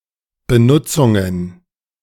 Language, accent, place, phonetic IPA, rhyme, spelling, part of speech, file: German, Germany, Berlin, [bəˈnʊt͡sʊŋən], -ʊt͡sʊŋən, Benutzungen, noun, De-Benutzungen.ogg
- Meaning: plural of Benutzung